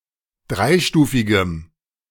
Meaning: strong dative masculine/neuter singular of dreistufig
- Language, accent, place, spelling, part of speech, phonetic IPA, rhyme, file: German, Germany, Berlin, dreistufigem, adjective, [ˈdʁaɪ̯ˌʃtuːfɪɡəm], -aɪ̯ʃtuːfɪɡəm, De-dreistufigem.ogg